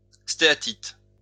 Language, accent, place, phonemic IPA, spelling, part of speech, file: French, France, Lyon, /ste.a.tit/, stéatite, noun, LL-Q150 (fra)-stéatite.wav
- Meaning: steatite, soapstone